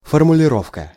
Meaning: 1. formulating, formulation, verbalizing 2. formula, statement, wording (presentation of opinion or position)
- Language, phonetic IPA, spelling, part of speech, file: Russian, [fərmʊlʲɪˈrofkə], формулировка, noun, Ru-формулировка.ogg